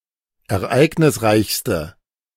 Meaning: inflection of ereignisreich: 1. strong/mixed nominative/accusative feminine singular superlative degree 2. strong nominative/accusative plural superlative degree
- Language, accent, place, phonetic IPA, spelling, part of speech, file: German, Germany, Berlin, [ɛɐ̯ˈʔaɪ̯ɡnɪsˌʁaɪ̯çstə], ereignisreichste, adjective, De-ereignisreichste.ogg